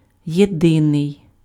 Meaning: 1. only, sole 2. united, unified, integral, indivisible 3. single 4. common
- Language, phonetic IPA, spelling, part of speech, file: Ukrainian, [jeˈdɪnei̯], єдиний, adjective, Uk-єдиний.ogg